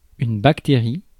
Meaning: bacterium
- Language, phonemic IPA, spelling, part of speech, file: French, /bak.te.ʁi/, bactérie, noun, Fr-bactérie.ogg